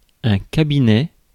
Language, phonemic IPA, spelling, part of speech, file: French, /ka.bi.nɛ/, cabinet, noun, Fr-cabinet.ogg
- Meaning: 1. a study 2. an office, a surgery 3. a cabinet 4. a cabinet of government advisors 5. the toilet, lavatory